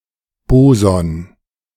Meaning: boson
- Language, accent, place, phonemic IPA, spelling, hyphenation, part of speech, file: German, Germany, Berlin, /ˈboːzɔn/, Boson, Bo‧son, noun, De-Boson.ogg